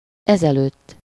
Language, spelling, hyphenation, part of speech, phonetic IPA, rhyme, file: Hungarian, ezelőtt, ez‧előtt, adverb / postposition, [ˈɛzɛløːtː], -øːtː, Hu-ezelőtt.ogg
- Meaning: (adverb) formerly, previously; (postposition) ago (the amount of time that has passed since is expressed with -val/-vel)